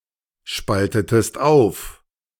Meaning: inflection of aufspalten: 1. second-person singular preterite 2. second-person singular subjunctive II
- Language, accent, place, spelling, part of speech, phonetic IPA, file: German, Germany, Berlin, spaltetest auf, verb, [ˌʃpaltətəst ˈaʊ̯f], De-spaltetest auf.ogg